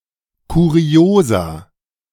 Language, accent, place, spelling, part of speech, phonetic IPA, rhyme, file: German, Germany, Berlin, Kuriosa, noun, [kuˈʁi̯oːza], -oːza, De-Kuriosa.ogg
- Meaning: plural of Kuriosum